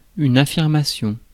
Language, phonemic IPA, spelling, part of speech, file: French, /a.fiʁ.ma.sjɔ̃/, affirmation, noun, Fr-affirmation.ogg
- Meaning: affirmation